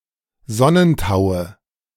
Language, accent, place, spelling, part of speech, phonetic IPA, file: German, Germany, Berlin, Sonnentaue, noun, [ˈzɔnənˌtaʊ̯ə], De-Sonnentaue.ogg
- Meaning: nominative/accusative/genitive plural of Sonnentau